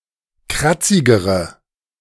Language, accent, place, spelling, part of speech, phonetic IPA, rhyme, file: German, Germany, Berlin, kratzigere, adjective, [ˈkʁat͡sɪɡəʁə], -at͡sɪɡəʁə, De-kratzigere.ogg
- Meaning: inflection of kratzig: 1. strong/mixed nominative/accusative feminine singular comparative degree 2. strong nominative/accusative plural comparative degree